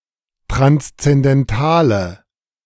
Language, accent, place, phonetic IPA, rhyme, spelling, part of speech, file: German, Germany, Berlin, [tʁanst͡sɛndɛnˈtaːlə], -aːlə, transzendentale, adjective, De-transzendentale.ogg
- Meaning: inflection of transzendental: 1. strong/mixed nominative/accusative feminine singular 2. strong nominative/accusative plural 3. weak nominative all-gender singular